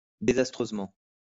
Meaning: disastrously
- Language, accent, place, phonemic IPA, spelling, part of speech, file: French, France, Lyon, /de.zas.tʁøz.mɑ̃/, désastreusement, adverb, LL-Q150 (fra)-désastreusement.wav